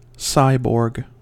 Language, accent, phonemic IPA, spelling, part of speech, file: English, US, /ˈsaɪ.boɹɡ/, cyborg, noun / verb, En-us-cyborg.ogg
- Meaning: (noun) 1. A being which is part machine and part organic 2. A human, animal or other being with electronic or bionic prostheses; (verb) To convert (something) into a cyborg